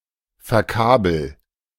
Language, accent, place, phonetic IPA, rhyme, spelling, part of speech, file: German, Germany, Berlin, [fɛɐ̯ˈkaːbl̩], -aːbl̩, verkabel, verb, De-verkabel.ogg
- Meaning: inflection of verkabeln: 1. first-person singular present 2. singular imperative